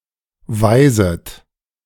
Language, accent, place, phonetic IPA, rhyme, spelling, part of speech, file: German, Germany, Berlin, [ˈvaɪ̯zət], -aɪ̯zət, weiset, verb, De-weiset.ogg
- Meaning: second-person plural subjunctive I of weisen